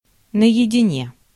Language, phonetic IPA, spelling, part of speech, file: Russian, [nə(j)ɪdʲɪˈnʲe], наедине, adverb, Ru-наедине.ogg
- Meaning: 1. tête-à-tête, privately 2. alone